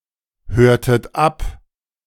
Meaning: inflection of abhören: 1. second-person plural preterite 2. second-person plural subjunctive II
- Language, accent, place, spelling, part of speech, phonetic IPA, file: German, Germany, Berlin, hörtet ab, verb, [ˌhøːɐ̯tət ˈap], De-hörtet ab.ogg